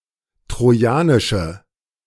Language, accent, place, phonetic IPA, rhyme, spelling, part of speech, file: German, Germany, Berlin, [tʁoˈjaːnɪʃə], -aːnɪʃə, trojanische, adjective, De-trojanische.ogg
- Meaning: inflection of trojanisch: 1. strong/mixed nominative/accusative feminine singular 2. strong nominative/accusative plural 3. weak nominative all-gender singular